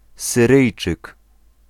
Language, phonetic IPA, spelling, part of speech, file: Polish, [sɨˈrɨjt͡ʃɨk], Syryjczyk, noun, Pl-Syryjczyk.ogg